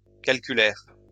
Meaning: third-person plural past historic of calculer
- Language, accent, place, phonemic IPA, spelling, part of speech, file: French, France, Lyon, /kal.ky.lɛʁ/, calculèrent, verb, LL-Q150 (fra)-calculèrent.wav